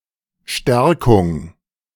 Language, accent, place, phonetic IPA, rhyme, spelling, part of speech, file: German, Germany, Berlin, [ˈʃtɛʁkʊŋ], -ɛʁkʊŋ, Stärkung, noun, De-Stärkung.ogg
- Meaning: 1. strengthening, reinforcement 2. fortition